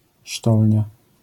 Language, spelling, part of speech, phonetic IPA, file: Polish, sztolnia, noun, [ˈʃtɔlʲɲa], LL-Q809 (pol)-sztolnia.wav